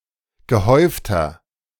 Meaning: 1. comparative degree of gehäuft 2. inflection of gehäuft: strong/mixed nominative masculine singular 3. inflection of gehäuft: strong genitive/dative feminine singular
- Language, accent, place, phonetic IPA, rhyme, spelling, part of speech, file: German, Germany, Berlin, [ɡəˈhɔɪ̯ftɐ], -ɔɪ̯ftɐ, gehäufter, adjective, De-gehäufter.ogg